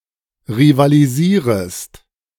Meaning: second-person singular subjunctive I of rivalisieren
- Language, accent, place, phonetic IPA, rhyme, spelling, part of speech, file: German, Germany, Berlin, [ʁivaliˈziːʁəst], -iːʁəst, rivalisierest, verb, De-rivalisierest.ogg